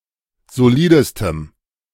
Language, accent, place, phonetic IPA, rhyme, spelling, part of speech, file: German, Germany, Berlin, [zoˈliːdəstəm], -iːdəstəm, solidestem, adjective, De-solidestem.ogg
- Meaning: strong dative masculine/neuter singular superlative degree of solid